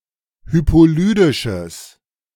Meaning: strong/mixed nominative/accusative neuter singular of hypolydisch
- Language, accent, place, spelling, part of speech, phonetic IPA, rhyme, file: German, Germany, Berlin, hypolydisches, adjective, [ˌhypoˈlyːdɪʃəs], -yːdɪʃəs, De-hypolydisches.ogg